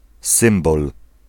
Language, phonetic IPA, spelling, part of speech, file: Polish, [ˈsɨ̃mbɔl], symbol, noun, Pl-symbol.ogg